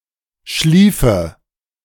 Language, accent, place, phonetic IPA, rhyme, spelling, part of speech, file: German, Germany, Berlin, [ˈʃliːfə], -iːfə, schliefe, verb, De-schliefe.ogg
- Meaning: 1. first/third-person singular subjunctive II of schlafen 2. inflection of schliefen: first-person singular present 3. inflection of schliefen: first-person singular subjunctive I